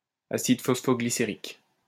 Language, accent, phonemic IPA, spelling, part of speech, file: French, France, /a.sid fɔs.fɔ.ɡli.se.ʁik/, acide phosphoglycérique, noun, LL-Q150 (fra)-acide phosphoglycérique.wav
- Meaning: phosphoglyceric acid